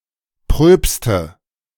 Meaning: nominative/accusative/genitive plural of Propst
- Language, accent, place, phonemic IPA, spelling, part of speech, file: German, Germany, Berlin, /pʁøːpstə/, Pröpste, noun, De-Pröpste.ogg